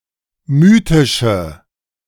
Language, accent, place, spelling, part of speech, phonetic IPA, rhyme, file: German, Germany, Berlin, mythische, adjective, [ˈmyːtɪʃə], -yːtɪʃə, De-mythische.ogg
- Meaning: inflection of mythisch: 1. strong/mixed nominative/accusative feminine singular 2. strong nominative/accusative plural 3. weak nominative all-gender singular